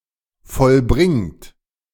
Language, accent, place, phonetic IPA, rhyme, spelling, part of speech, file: German, Germany, Berlin, [fɔlˈbʁɪŋt], -ɪŋt, vollbringt, verb, De-vollbringt.ogg
- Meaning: present participle of vollbringen